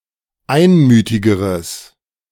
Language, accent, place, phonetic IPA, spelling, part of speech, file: German, Germany, Berlin, [ˈaɪ̯nˌmyːtɪɡəʁəs], einmütigeres, adjective, De-einmütigeres.ogg
- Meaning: strong/mixed nominative/accusative neuter singular comparative degree of einmütig